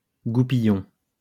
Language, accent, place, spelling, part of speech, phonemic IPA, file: French, France, Lyon, goupillon, noun, /ɡu.pi.jɔ̃/, LL-Q150 (fra)-goupillon.wav
- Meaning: 1. aspergillum, aspergil 2. bottlebrush